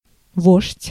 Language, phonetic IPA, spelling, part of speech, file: Russian, [voʂtʲ], вождь, noun, Ru-вождь.ogg
- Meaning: 1. chief, chieftain (of a tribe) 2. leader (inspiring or commanding a movement) 3. captain (leading an army)